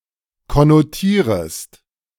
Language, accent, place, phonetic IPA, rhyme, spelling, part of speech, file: German, Germany, Berlin, [kɔnoˈtiːʁəst], -iːʁəst, konnotierest, verb, De-konnotierest.ogg
- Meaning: second-person singular subjunctive I of konnotieren